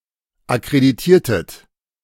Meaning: inflection of akkreditieren: 1. second-person plural preterite 2. second-person plural subjunctive II
- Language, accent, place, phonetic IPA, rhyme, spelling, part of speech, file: German, Germany, Berlin, [akʁediˈtiːɐ̯tət], -iːɐ̯tət, akkreditiertet, verb, De-akkreditiertet.ogg